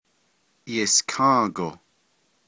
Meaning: 1. "days after", "in ... days" 2. tomorrow
- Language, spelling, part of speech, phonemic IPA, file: Navajo, yiską́ągo, adverb, /jɪ̀skʰɑ̃̂ːkò/, Nv-yiską́ągo.ogg